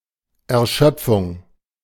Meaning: 1. depletion 2. exhaustion 3. fatigue
- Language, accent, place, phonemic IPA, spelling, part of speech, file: German, Germany, Berlin, /ɛɐ̯ˈʃœpfʊŋ/, Erschöpfung, noun, De-Erschöpfung.ogg